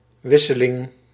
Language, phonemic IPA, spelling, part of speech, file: Dutch, /ˈwɪsəˌlɪŋ/, wisseling, noun, Nl-wisseling.ogg
- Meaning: change, swap, exchange